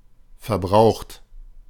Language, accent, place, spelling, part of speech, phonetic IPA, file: German, Germany, Berlin, verbraucht, verb / adjective, [fɐˈbʁaʊxt], De-verbraucht.ogg
- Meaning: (verb) past participle of verbrauchen; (adjective) 1. depleted 2. consumed, exhausted 3. dissipated